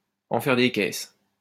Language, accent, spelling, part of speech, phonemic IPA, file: French, France, en faire des caisses, verb, /ɑ̃ fɛʁ de kɛs/, LL-Q150 (fra)-en faire des caisses.wav
- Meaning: to overdo it, to go over the top, to go overboard, to blow things out of proportion